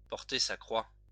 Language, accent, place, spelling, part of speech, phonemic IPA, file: French, France, Lyon, porter sa croix, verb, /pɔʁ.te sa kʁwa/, LL-Q150 (fra)-porter sa croix.wav
- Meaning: to bear one's cross, to carry one's cross